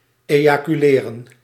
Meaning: to ejaculate
- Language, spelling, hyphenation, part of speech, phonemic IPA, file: Dutch, ejaculeren, eja‧cu‧le‧ren, verb, /ˌeː.jaː.kyˈleː.rə(n)/, Nl-ejaculeren.ogg